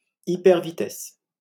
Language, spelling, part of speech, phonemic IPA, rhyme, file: French, hypervitesse, noun, /i.pɛʁ.vi.tɛs/, -ɛs, LL-Q150 (fra)-hypervitesse.wav
- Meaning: hypervelocity (extreme speed)